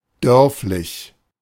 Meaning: rural, rustic
- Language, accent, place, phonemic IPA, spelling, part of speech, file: German, Germany, Berlin, /ˈdœʁflɪç/, dörflich, adjective, De-dörflich.ogg